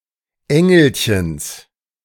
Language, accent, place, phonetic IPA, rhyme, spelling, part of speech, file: German, Germany, Berlin, [ˈɛŋl̩çəns], -ɛŋl̩çəns, Engelchens, noun, De-Engelchens.ogg
- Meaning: genitive of Engelchen